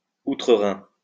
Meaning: in Germany
- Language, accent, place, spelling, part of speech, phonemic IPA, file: French, France, Lyon, outre-Rhin, adverb, /u.tʁə.ʁɛ̃/, LL-Q150 (fra)-outre-Rhin.wav